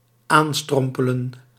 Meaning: to arrive hobbling or stumbling
- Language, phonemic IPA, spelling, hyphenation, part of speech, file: Dutch, /ˈaːnˌstrɔm.pə.lə(n)/, aanstrompelen, aan‧strom‧pe‧len, verb, Nl-aanstrompelen.ogg